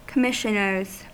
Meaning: plural of commissioner
- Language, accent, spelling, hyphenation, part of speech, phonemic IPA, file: English, US, commissioners, com‧mis‧sion‧ers, noun, /kəˈmɪʃənɚz/, En-us-commissioners.ogg